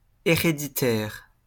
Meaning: hereditary
- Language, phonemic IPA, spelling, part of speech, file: French, /e.ʁe.di.tɛʁ/, héréditaire, adjective, LL-Q150 (fra)-héréditaire.wav